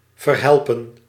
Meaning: to solve, to fix
- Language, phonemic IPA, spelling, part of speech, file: Dutch, /vərˈhɛlpə(n)/, verhelpen, verb, Nl-verhelpen.ogg